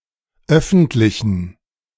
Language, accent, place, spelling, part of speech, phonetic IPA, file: German, Germany, Berlin, öffentlichen, adjective, [ˈœfn̩tlɪçn̩], De-öffentlichen.ogg
- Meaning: inflection of öffentlich: 1. strong genitive masculine/neuter singular 2. weak/mixed genitive/dative all-gender singular 3. strong/weak/mixed accusative masculine singular 4. strong dative plural